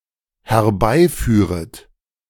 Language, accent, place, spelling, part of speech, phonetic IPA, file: German, Germany, Berlin, herbeiführet, verb, [hɛɐ̯ˈbaɪ̯ˌfyːʁət], De-herbeiführet.ogg
- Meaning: second-person plural dependent subjunctive I of herbeiführen